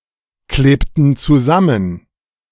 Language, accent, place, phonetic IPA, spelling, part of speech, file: German, Germany, Berlin, [ˌkleːptn̩ t͡suˈzamən], klebten zusammen, verb, De-klebten zusammen.ogg
- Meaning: inflection of zusammenkleben: 1. first/third-person plural preterite 2. first/third-person plural subjunctive II